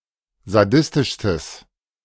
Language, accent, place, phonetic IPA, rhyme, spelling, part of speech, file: German, Germany, Berlin, [zaˈdɪstɪʃstəs], -ɪstɪʃstəs, sadistischstes, adjective, De-sadistischstes.ogg
- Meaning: strong/mixed nominative/accusative neuter singular superlative degree of sadistisch